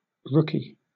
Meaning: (noun) 1. An inexperienced recruit, especially in the police or armed forces 2. A novice
- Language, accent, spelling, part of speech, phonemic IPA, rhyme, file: English, Southern England, rookie, noun / adjective / verb, /ˈɹʊki/, -ʊki, LL-Q1860 (eng)-rookie.wav